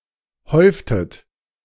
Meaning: inflection of häufen: 1. second-person plural preterite 2. second-person plural subjunctive II
- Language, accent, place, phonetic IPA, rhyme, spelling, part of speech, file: German, Germany, Berlin, [ˈhɔɪ̯ftət], -ɔɪ̯ftət, häuftet, verb, De-häuftet.ogg